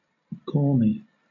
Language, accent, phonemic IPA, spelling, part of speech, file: English, Southern England, /ˈɡɔːmi/, gormy, adjective, LL-Q1860 (eng)-gormy.wav
- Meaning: 1. Awkward, clumsy, klutzy, ungainly 2. Alternative spelling of gaumy (“sticky, smeared with something sticky; grimy”)